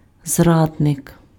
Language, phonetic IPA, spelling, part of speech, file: Ukrainian, [ˈzradnek], зрадник, noun, Uk-зрадник.ogg
- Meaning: traitor, betrayer